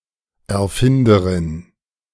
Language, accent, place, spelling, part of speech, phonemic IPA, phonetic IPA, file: German, Germany, Berlin, Erfinderin, noun, /ɛʁˈfɪndəʁɪn/, [ʔɛɐ̯ˈfɪndɐʁɪn], De-Erfinderin.ogg
- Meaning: feminine equivalent of Erfinder m: inventor (female or sexless)